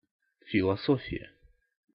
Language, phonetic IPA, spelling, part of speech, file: Russian, [fʲɪɫɐˈsofʲɪjə], философия, noun, Ru-философия.ogg
- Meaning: philosophy